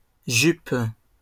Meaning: plural of jupe
- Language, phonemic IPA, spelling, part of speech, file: French, /ʒyp/, jupes, noun, LL-Q150 (fra)-jupes.wav